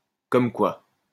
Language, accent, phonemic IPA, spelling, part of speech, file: French, France, /kɔm kwa/, comme quoi, phrase, LL-Q150 (fra)-comme quoi.wav
- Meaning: it goes to show (this recent fact or result confirms what we always thought)